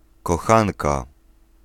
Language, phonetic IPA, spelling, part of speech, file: Polish, [kɔˈxãnka], kochanka, noun, Pl-kochanka.ogg